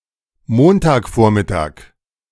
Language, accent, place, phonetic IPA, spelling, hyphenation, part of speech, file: German, Germany, Berlin, [ˈmontaːkˌfoːɐ̯mɪtaːk], Montagvormittag, Mon‧tag‧vor‧mit‧tag, noun, De-Montagvormittag.ogg
- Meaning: Monday morning (time before noon)